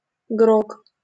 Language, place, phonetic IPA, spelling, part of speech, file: Russian, Saint Petersburg, [ɡrok], грог, noun, LL-Q7737 (rus)-грог.wav
- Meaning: grog